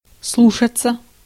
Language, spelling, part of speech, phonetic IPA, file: Russian, слушаться, verb, [ˈsɫuʂət͡sə], Ru-слушаться.ogg
- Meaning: 1. to obey, to take (someone's) advice, to listen to 2. to obey, to be under control (of a mechanism or body part) 3. passive of слу́шать (slúšatʹ)